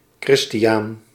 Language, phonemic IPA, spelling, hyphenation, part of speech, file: Dutch, /ˈkrɪstiˌ(j)aːn/, Christiaan, Chris‧ti‧aan, proper noun, Nl-Christiaan.ogg
- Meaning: a male given name, equivalent to English Christian